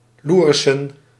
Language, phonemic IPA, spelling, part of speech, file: Dutch, /ˈlurəsə(n)/, loerissen, noun, Nl-loerissen.ogg
- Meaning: plural of loeris